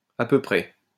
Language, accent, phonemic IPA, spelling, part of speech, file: French, France, /a pø pʁɛ/, à peu près, adverb, LL-Q150 (fra)-à peu près.wav
- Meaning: 1. more or less; about, just about 2. almost, just about